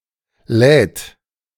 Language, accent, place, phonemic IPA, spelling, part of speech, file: German, Germany, Berlin, /lɛːt/, lädt, verb, De-lädt.ogg
- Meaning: third-person singular present of laden